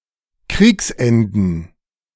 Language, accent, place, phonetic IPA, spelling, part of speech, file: German, Germany, Berlin, [ˈkʁiːksˌʔɛndn̩], Kriegsenden, noun, De-Kriegsenden.ogg
- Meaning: plural of Kriegsende